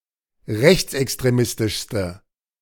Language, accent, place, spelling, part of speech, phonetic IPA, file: German, Germany, Berlin, rechtsextremistischste, adjective, [ˈʁɛçt͡sʔɛkstʁeˌmɪstɪʃstə], De-rechtsextremistischste.ogg
- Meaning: inflection of rechtsextremistisch: 1. strong/mixed nominative/accusative feminine singular superlative degree 2. strong nominative/accusative plural superlative degree